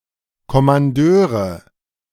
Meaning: nominative/accusative/genitive plural of Kommandeur
- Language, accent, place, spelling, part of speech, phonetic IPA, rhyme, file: German, Germany, Berlin, Kommandeure, noun, [kɔmanˈdøːʁə], -øːʁə, De-Kommandeure.ogg